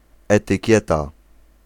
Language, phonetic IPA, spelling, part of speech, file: Polish, [ˌɛtɨˈcɛta], etykieta, noun, Pl-etykieta.ogg